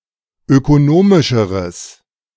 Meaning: strong/mixed nominative/accusative neuter singular comparative degree of ökonomisch
- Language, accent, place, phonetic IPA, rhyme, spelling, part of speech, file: German, Germany, Berlin, [økoˈnoːmɪʃəʁəs], -oːmɪʃəʁəs, ökonomischeres, adjective, De-ökonomischeres.ogg